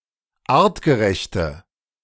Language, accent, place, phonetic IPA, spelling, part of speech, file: German, Germany, Berlin, [ˈaːʁtɡəˌʁɛçtə], artgerechte, adjective, De-artgerechte.ogg
- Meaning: inflection of artgerecht: 1. strong/mixed nominative/accusative feminine singular 2. strong nominative/accusative plural 3. weak nominative all-gender singular